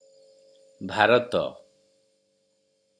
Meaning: India (a country in South Asia)
- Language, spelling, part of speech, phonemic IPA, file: Odia, ଭାରତ, proper noun, /bʱaɾɔt̪ɔ/, Or-ଭାରତ.oga